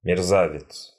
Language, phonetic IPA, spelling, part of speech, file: Russian, [mʲɪrˈzavʲɪt͡s], мерзавец, noun, Ru-мерзавец.ogg
- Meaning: villain, scoundrel, rat, stinker